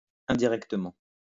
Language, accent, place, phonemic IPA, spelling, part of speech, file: French, France, Lyon, /ɛ̃.di.ʁɛk.tə.mɑ̃/, indirectement, adverb, LL-Q150 (fra)-indirectement.wav
- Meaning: indirectly